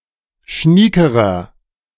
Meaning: inflection of schnieke: 1. strong/mixed nominative masculine singular comparative degree 2. strong genitive/dative feminine singular comparative degree 3. strong genitive plural comparative degree
- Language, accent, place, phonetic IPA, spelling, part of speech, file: German, Germany, Berlin, [ˈʃniːkəʁɐ], schniekerer, adjective, De-schniekerer.ogg